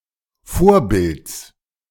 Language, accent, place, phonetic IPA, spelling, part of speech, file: German, Germany, Berlin, [ˈfoːɐ̯ˌbɪlt͡s], Vorbilds, noun, De-Vorbilds.ogg
- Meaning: genitive of Vorbild